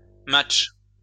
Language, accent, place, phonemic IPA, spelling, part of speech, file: French, France, Lyon, /matʃ/, matchs, noun, LL-Q150 (fra)-matchs.wav
- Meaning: plural of match